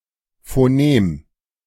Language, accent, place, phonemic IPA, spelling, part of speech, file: German, Germany, Berlin, /foˈneːm/, Phonem, noun, De-Phonem.ogg
- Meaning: phoneme